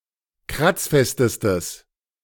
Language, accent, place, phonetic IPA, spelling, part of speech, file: German, Germany, Berlin, [ˈkʁat͡sˌfɛstəstəs], kratzfestestes, adjective, De-kratzfestestes.ogg
- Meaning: strong/mixed nominative/accusative neuter singular superlative degree of kratzfest